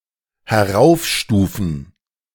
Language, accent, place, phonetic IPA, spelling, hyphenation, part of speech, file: German, Germany, Berlin, [hɛˈʁaʊ̯fˌʃtuːfn̩], heraufstufen, he‧r‧auf‧stu‧fen, verb, De-heraufstufen.ogg
- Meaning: 1. to upgrade, to raise 2. to promote